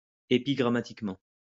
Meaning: epigrammatically
- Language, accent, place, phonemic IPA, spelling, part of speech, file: French, France, Lyon, /e.pi.ɡʁa.ma.tik.mɑ̃/, épigrammatiquement, adverb, LL-Q150 (fra)-épigrammatiquement.wav